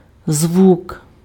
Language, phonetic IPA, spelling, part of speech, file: Ukrainian, [zwuk], звук, noun, Uk-звук.ogg
- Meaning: 1. sound 2. sound (auditory sensation) 3. sound (mechanical vibration)